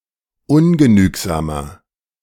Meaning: 1. comparative degree of ungenügsam 2. inflection of ungenügsam: strong/mixed nominative masculine singular 3. inflection of ungenügsam: strong genitive/dative feminine singular
- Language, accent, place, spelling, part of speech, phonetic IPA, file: German, Germany, Berlin, ungenügsamer, adjective, [ˈʊnɡəˌnyːkzaːmɐ], De-ungenügsamer.ogg